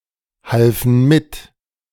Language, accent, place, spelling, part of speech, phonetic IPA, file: German, Germany, Berlin, halfen mit, verb, [ˌhalfn̩ ˈmɪt], De-halfen mit.ogg
- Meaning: first/third-person plural preterite of mithelfen